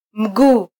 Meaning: leg; foot
- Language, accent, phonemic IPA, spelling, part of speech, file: Swahili, Kenya, /m̩ˈɠuː/, mguu, noun, Sw-ke-mguu.flac